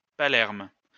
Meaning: Palermo (a port city and comune, the capital of the Metropolitan City of Palermo and the region of Sicily, Italy)
- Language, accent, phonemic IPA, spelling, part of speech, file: French, France, /pa.lɛʁm/, Palerme, proper noun, LL-Q150 (fra)-Palerme.wav